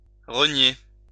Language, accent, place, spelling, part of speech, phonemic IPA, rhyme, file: French, France, Lyon, renier, verb, /ʁə.nje/, -je, LL-Q150 (fra)-renier.wav
- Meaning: 1. to renounce 2. to disown 3. to take back (what has been said), to renege